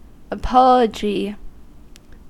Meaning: 1. An expression of remorse or regret for having said or done something that harmed another: an instance of apologizing (saying that one is sorry) 2. A formal justification, defence
- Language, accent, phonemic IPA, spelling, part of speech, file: English, US, /əˈpɑ.lə.d͡ʒi/, apology, noun, En-us-apology.ogg